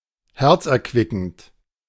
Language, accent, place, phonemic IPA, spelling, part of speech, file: German, Germany, Berlin, /ˈhɛʁt͡sʔɛɐ̯ˌkvɪkn̩t/, herzerquickend, adjective, De-herzerquickend.ogg
- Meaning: heartwarming